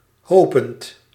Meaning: present participle of hopen
- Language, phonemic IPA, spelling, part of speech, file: Dutch, /ˈhopənt/, hopend, verb / adjective, Nl-hopend.ogg